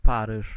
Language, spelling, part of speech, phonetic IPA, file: Polish, Paryż, proper noun, [ˈparɨʃ], Pl-Paryż.ogg